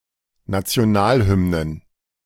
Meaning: plural of Nationalhymne
- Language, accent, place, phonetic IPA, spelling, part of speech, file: German, Germany, Berlin, [ˌnat͡si̯oˈnaːlˌhʏmnən], Nationalhymnen, noun, De-Nationalhymnen.ogg